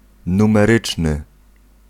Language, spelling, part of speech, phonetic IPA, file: Polish, numeryczny, adjective, [ˌnũmɛˈrɨt͡ʃnɨ], Pl-numeryczny.ogg